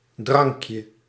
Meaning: 1. diminutive of drank 2. a potion 3. a beverage
- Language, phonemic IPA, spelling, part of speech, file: Dutch, /ˈdrɑŋkjə/, drankje, noun, Nl-drankje.ogg